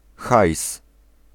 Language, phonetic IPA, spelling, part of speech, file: Polish, [xajs], hajs, noun, Pl-hajs.ogg